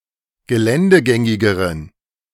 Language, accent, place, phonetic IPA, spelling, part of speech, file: German, Germany, Berlin, [ɡəˈlɛndəˌɡɛŋɪɡəʁən], geländegängigeren, adjective, De-geländegängigeren.ogg
- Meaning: inflection of geländegängig: 1. strong genitive masculine/neuter singular comparative degree 2. weak/mixed genitive/dative all-gender singular comparative degree